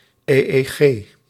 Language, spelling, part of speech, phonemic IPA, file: Dutch, EEG, proper noun / noun, /eː.eːˈɣeː/, Nl-EEG.ogg
- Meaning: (proper noun) initialism of Europese Economische Gemeenschap; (noun) rare spelling of eeg